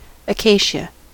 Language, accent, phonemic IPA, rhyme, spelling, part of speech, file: English, US, /əˈkeɪ.ʃə/, -eɪʃə, acacia, noun, En-us-acacia.ogg
- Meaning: 1. A shrub or tree of the tribe Acacieae 2. The thickened or dried juice of several species in Acacieae, in particular Vachellia nilotica (syn. Acacia nilotica, Egyptian acacia)